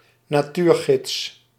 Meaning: 1. wildlife guide (person) 2. wildlife guide (text)
- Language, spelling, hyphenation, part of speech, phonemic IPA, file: Dutch, natuurgids, na‧tuur‧gids, noun, /naːˈtuːrˌɣɪts/, Nl-natuurgids.ogg